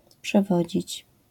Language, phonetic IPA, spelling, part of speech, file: Polish, [pʃɛˈvɔd͡ʑit͡ɕ], przewodzić, verb, LL-Q809 (pol)-przewodzić.wav